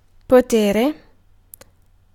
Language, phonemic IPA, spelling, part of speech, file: Italian, /poˈtere/, potere, noun / verb, It-potere.ogg